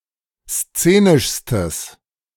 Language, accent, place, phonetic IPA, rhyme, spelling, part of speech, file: German, Germany, Berlin, [ˈst͡seːnɪʃstəs], -eːnɪʃstəs, szenischstes, adjective, De-szenischstes.ogg
- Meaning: strong/mixed nominative/accusative neuter singular superlative degree of szenisch